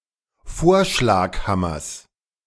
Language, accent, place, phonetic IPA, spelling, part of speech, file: German, Germany, Berlin, [ˈfoːɐ̯ʃlaːkˌhamɐs], Vorschlaghammers, noun, De-Vorschlaghammers.ogg
- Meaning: genitive singular of Vorschlaghammer